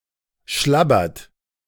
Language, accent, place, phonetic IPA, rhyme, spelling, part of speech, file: German, Germany, Berlin, [ˈʃlabɐt], -abɐt, schlabbert, verb, De-schlabbert.ogg
- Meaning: inflection of schlabbern: 1. third-person singular present 2. second-person plural present 3. plural imperative